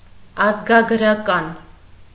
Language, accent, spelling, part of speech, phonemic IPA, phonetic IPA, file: Armenian, Eastern Armenian, ազգագրական, adjective, /ɑzɡɑɡ(ə)ɾɑˈkɑn/, [ɑzɡɑɡ(ə)ɾɑkɑ́n], Hy-ազգագրական.ogg
- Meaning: ethnographic